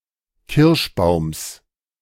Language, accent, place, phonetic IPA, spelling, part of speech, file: German, Germany, Berlin, [ˈkɪʁʃˌbaʊ̯ms], Kirschbaums, noun, De-Kirschbaums.ogg
- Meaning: genitive singular of Kirschbaum